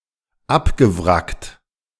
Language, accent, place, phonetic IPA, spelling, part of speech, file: German, Germany, Berlin, [ˈapɡəˌvʁakt], abgewrackt, verb, De-abgewrackt.ogg
- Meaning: past participle of abwracken